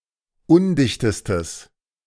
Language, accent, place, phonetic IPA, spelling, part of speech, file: German, Germany, Berlin, [ˈʊndɪçtəstəs], undichtestes, adjective, De-undichtestes.ogg
- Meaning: strong/mixed nominative/accusative neuter singular superlative degree of undicht